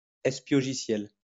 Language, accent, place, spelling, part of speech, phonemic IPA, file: French, France, Lyon, espiogiciel, noun, /ɛs.pjɔ.ʒi.sjɛl/, LL-Q150 (fra)-espiogiciel.wav
- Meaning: (espionage) spyware